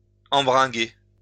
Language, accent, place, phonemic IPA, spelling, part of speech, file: French, France, Lyon, /ɑ̃.bʁɛ̃.ɡe/, embringuer, verb, LL-Q150 (fra)-embringuer.wav
- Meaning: to rope in or drag in